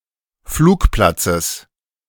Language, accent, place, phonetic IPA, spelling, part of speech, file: German, Germany, Berlin, [ˈfluːkˌplat͡səs], Flugplatzes, noun, De-Flugplatzes.ogg
- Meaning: genitive singular of Flugplatz